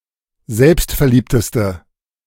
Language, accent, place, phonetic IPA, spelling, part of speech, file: German, Germany, Berlin, [ˈzɛlpstfɛɐ̯ˌliːptəstə], selbstverliebteste, adjective, De-selbstverliebteste.ogg
- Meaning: inflection of selbstverliebt: 1. strong/mixed nominative/accusative feminine singular superlative degree 2. strong nominative/accusative plural superlative degree